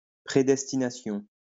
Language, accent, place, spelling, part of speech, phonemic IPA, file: French, France, Lyon, prædestination, noun, /pʁe.dɛs.ti.na.sjɔ̃/, LL-Q150 (fra)-prædestination.wav
- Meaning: obsolete form of prédestination